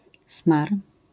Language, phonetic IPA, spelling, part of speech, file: Polish, [smar], smar, noun, LL-Q809 (pol)-smar.wav